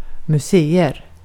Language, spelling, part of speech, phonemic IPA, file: Swedish, museer, noun, /mɵˈseːˌɛr/, Sv-museer.ogg
- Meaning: indefinite plural of museum